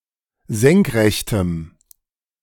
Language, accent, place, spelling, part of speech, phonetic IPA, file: German, Germany, Berlin, senkrechtem, adjective, [ˈzɛŋkˌʁɛçtəm], De-senkrechtem.ogg
- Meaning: strong dative masculine/neuter singular of senkrecht